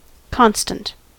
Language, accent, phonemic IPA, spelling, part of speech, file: English, US, /ˈkɑnstənt/, constant, adjective / noun, En-us-constant.ogg
- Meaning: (adjective) 1. Unchanged through time or space; permanent 2. Consistently recurring over time; persistent 3. Steady in purpose, action, feeling, etc 4. Firm; solid; not fluid 5. Consistent; logical